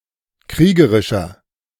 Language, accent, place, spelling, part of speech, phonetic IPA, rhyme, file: German, Germany, Berlin, kriegerischer, adjective, [ˈkʁiːɡəʁɪʃɐ], -iːɡəʁɪʃɐ, De-kriegerischer.ogg
- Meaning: 1. comparative degree of kriegerisch 2. inflection of kriegerisch: strong/mixed nominative masculine singular 3. inflection of kriegerisch: strong genitive/dative feminine singular